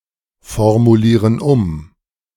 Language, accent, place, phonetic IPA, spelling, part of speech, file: German, Germany, Berlin, [fɔʁmuˌliːʁən ˈʊm], formulieren um, verb, De-formulieren um.ogg
- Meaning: inflection of umformulieren: 1. first/third-person plural present 2. first/third-person plural subjunctive I